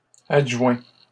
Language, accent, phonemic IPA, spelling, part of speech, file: French, Canada, /ad.ʒwɛ̃/, adjoins, verb, LL-Q150 (fra)-adjoins.wav
- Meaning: inflection of adjoindre: 1. first/second-person singular present indicative 2. second-person singular imperative